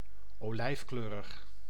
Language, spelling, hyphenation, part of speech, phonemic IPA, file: Dutch, olijfkleurig, olijf‧kleu‧rig, adjective, /oːˈlɛi̯fˌkløː.rəx/, Nl-olijfkleurig.ogg
- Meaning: olive (colour), greyish green